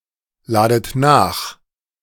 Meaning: inflection of nachladen: 1. second-person plural present 2. second-person plural subjunctive I 3. plural imperative
- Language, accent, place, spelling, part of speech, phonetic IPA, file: German, Germany, Berlin, ladet nach, verb, [ˌlaːdət ˈnaːx], De-ladet nach.ogg